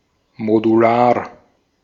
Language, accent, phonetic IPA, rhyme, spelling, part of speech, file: German, Austria, [moduˈlaːɐ̯], -aːɐ̯, modular, adjective, De-at-modular.ogg
- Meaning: modular